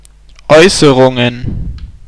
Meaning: plural of Äußerung
- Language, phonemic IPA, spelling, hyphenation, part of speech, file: German, /ˈɔɪ̯səʁʊŋən/, Äußerungen, Äu‧ße‧run‧gen, noun, De-Äußerungen.ogg